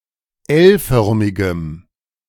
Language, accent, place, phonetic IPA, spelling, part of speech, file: German, Germany, Berlin, [ˈɛlˌfœʁmɪɡəm], L-förmigem, adjective, De-L-förmigem.ogg
- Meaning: strong dative masculine/neuter singular of L-förmig